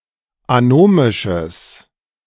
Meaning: strong/mixed nominative/accusative neuter singular of anomisch
- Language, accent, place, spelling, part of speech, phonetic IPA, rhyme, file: German, Germany, Berlin, anomisches, adjective, [aˈnoːmɪʃəs], -oːmɪʃəs, De-anomisches.ogg